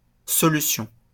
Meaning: solution
- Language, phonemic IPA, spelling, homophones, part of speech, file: French, /sɔ.ly.sjɔ̃/, solution, solutions, noun, LL-Q150 (fra)-solution.wav